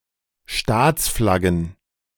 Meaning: plural of Staatsflagge
- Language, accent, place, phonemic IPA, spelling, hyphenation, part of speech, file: German, Germany, Berlin, /ˈʃtaːt͡sˌflaɡən/, Staatsflaggen, Staats‧flag‧gen, noun, De-Staatsflaggen.ogg